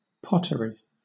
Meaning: 1. Fired ceramic wares that contain clay when formed 2. A potter's shop or workshop, where pottery is made 3. The potter's craft or art: making vessels from clay
- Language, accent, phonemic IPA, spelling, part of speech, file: English, Southern England, /ˈpɒtəɹi/, pottery, noun, LL-Q1860 (eng)-pottery.wav